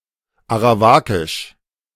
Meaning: Arawak
- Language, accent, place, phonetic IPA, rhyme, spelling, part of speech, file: German, Germany, Berlin, [aʁaˈvaːkɪʃ], -aːkɪʃ, arawakisch, adjective, De-arawakisch.ogg